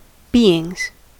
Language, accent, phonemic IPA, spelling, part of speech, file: English, US, /ˈbiː.ɪŋz/, beings, noun, En-us-beings.ogg
- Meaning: plural of being